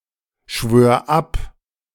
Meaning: singular imperative of abschwören
- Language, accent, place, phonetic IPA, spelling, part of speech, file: German, Germany, Berlin, [ˌʃvøːɐ̯ ˈap], schwör ab, verb, De-schwör ab.ogg